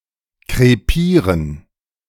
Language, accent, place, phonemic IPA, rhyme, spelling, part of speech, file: German, Germany, Berlin, /kʁeˈpiːʁən/, -iːʁən, krepieren, verb, De-krepieren.ogg
- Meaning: to die miserably, to croak